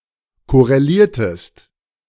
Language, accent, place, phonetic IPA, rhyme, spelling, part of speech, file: German, Germany, Berlin, [ˌkɔʁeˈliːɐ̯təst], -iːɐ̯təst, korreliertest, verb, De-korreliertest.ogg
- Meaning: inflection of korrelieren: 1. second-person singular preterite 2. second-person singular subjunctive II